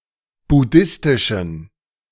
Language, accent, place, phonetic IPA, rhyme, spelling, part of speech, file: German, Germany, Berlin, [bʊˈdɪstɪʃn̩], -ɪstɪʃn̩, buddhistischen, adjective, De-buddhistischen.ogg
- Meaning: inflection of buddhistisch: 1. strong genitive masculine/neuter singular 2. weak/mixed genitive/dative all-gender singular 3. strong/weak/mixed accusative masculine singular 4. strong dative plural